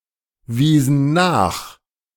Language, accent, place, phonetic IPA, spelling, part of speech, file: German, Germany, Berlin, [ˌviːzn̩ ˈnaːx], wiesen nach, verb, De-wiesen nach.ogg
- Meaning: inflection of nachweisen: 1. first/third-person plural preterite 2. first/third-person plural subjunctive II